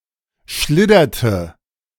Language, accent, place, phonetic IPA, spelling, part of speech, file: German, Germany, Berlin, [ˈʃlɪdɐtə], schlidderte, verb, De-schlidderte.ogg
- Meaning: inflection of schliddern: 1. first/third-person singular preterite 2. first/third-person singular subjunctive II